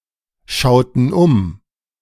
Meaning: inflection of umschauen: 1. first/third-person plural preterite 2. first/third-person plural subjunctive II
- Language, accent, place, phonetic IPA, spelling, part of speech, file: German, Germany, Berlin, [ˌʃaʊ̯tn̩ ˈʊm], schauten um, verb, De-schauten um.ogg